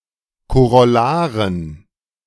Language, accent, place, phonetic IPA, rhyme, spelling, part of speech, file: German, Germany, Berlin, [koʁɔˈlaːʁən], -aːʁən, Korollaren, noun, De-Korollaren.ogg
- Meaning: dative plural of Korollar